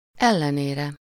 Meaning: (postposition) despite, in spite of, notwithstanding, regardless of; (adverb) against the will, wish or intention of someone or of a group
- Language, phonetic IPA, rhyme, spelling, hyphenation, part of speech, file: Hungarian, [ˈɛlːɛneːrɛ], -rɛ, ellenére, el‧le‧né‧re, postposition / adverb, Hu-ellenére.ogg